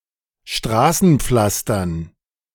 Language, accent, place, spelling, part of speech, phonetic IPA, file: German, Germany, Berlin, Straßenpflastern, noun, [ˈʃtʁaːsn̩ˌp͡flastɐn], De-Straßenpflastern.ogg
- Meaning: dative plural of Straßenpflaster